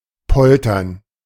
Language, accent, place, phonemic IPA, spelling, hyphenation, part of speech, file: German, Germany, Berlin, /ˈpɔltɐn/, poltern, pol‧tern, verb, De-poltern.ogg
- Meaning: 1. to rumble 2. to rant (To speak or shout at length in an uncontrollable anger.)